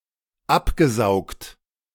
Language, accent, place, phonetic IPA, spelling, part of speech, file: German, Germany, Berlin, [ˈapɡəˌzaʊ̯kt], abgesaugt, verb, De-abgesaugt.ogg
- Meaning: past participle of absaugen - sucked off